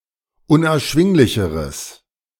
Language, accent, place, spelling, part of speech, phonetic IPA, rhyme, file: German, Germany, Berlin, unerschwinglicheres, adjective, [ʊnʔɛɐ̯ˈʃvɪŋlɪçəʁəs], -ɪŋlɪçəʁəs, De-unerschwinglicheres.ogg
- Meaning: strong/mixed nominative/accusative neuter singular comparative degree of unerschwinglich